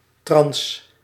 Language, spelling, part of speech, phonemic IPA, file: Dutch, trans-, prefix, /trɑns/, Nl-trans-.ogg
- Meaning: trans